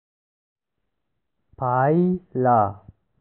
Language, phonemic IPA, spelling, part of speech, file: Pashto, /pɑi.la/, پايله, noun, پايله.ogg
- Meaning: result